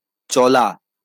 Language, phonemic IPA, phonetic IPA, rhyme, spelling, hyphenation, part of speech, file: Bengali, /t͡ʃɔ.la/, [ˈt͡ʃɔlaˑ], -ɔla, চলা, চ‧লা, verb, LL-Q9610 (ben)-চলা.wav
- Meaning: 1. to move, to walk about, to move about 2. to go on, to be ongoing 3. to function, to work 4. to be on, to run 5. to be playing 6. to get going 7. to be acceptable, to slide 8. to be okay, to do